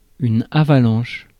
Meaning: avalanche
- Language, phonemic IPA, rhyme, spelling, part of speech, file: French, /a.va.lɑ̃ʃ/, -ɑ̃ʃ, avalanche, noun, Fr-avalanche.ogg